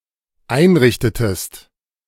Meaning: inflection of einrichten: 1. second-person singular dependent preterite 2. second-person singular dependent subjunctive II
- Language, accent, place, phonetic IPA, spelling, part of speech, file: German, Germany, Berlin, [ˈaɪ̯nˌʁɪçtətəst], einrichtetest, verb, De-einrichtetest.ogg